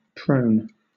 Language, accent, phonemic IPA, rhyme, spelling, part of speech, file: English, Southern England, /pɹəʊn/, -əʊn, prone, adjective / verb, LL-Q1860 (eng)-prone.wav
- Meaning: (adjective) 1. Lying face-down 2. Of the hand, forearm or foot: turned facing away from the body; with the thumb inward or big toe downward 3. Having a downward inclination or slope